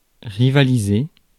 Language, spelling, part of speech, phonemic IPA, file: French, rivaliser, verb, /ʁi.va.li.ze/, Fr-rivaliser.ogg
- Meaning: to compete